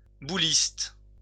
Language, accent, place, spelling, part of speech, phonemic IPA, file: French, France, Lyon, bouliste, noun, /bu.list/, LL-Q150 (fra)-bouliste.wav
- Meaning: bowler (person who plays boules)